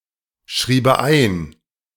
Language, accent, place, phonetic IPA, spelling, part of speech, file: German, Germany, Berlin, [ˌʃʁiːbə ˈaɪ̯n], schriebe ein, verb, De-schriebe ein.ogg
- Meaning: first/third-person singular subjunctive II of einschreiben